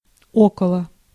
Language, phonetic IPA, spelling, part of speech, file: Russian, [ˈokəɫə], около, preposition, Ru-около.ogg
- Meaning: near, around, about, by